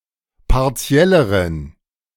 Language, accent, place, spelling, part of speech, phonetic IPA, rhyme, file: German, Germany, Berlin, partielleren, adjective, [paʁˈt͡si̯ɛləʁən], -ɛləʁən, De-partielleren.ogg
- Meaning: inflection of partiell: 1. strong genitive masculine/neuter singular comparative degree 2. weak/mixed genitive/dative all-gender singular comparative degree